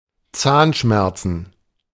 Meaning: plural of Zahnschmerz
- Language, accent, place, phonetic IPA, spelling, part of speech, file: German, Germany, Berlin, [ˈt͡saːnˌʃmɛʁt͡sn̩], Zahnschmerzen, noun, De-Zahnschmerzen.ogg